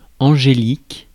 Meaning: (adjective) 1. angel; angelic 2. angelic (very well-behaved); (noun) 1. angelica (Angelica) 2. A plucked bowl lute
- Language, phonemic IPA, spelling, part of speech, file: French, /ɑ̃.ʒe.lik/, angélique, adjective / noun, Fr-angélique.ogg